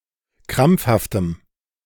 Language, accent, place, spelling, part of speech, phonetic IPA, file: German, Germany, Berlin, krampfhaftem, adjective, [ˈkʁamp͡fhaftəm], De-krampfhaftem.ogg
- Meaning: strong dative masculine/neuter singular of krampfhaft